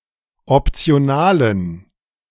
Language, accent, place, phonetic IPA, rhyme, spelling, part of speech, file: German, Germany, Berlin, [ɔpt͡si̯oˈnaːlən], -aːlən, optionalen, adjective, De-optionalen.ogg
- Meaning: inflection of optional: 1. strong genitive masculine/neuter singular 2. weak/mixed genitive/dative all-gender singular 3. strong/weak/mixed accusative masculine singular 4. strong dative plural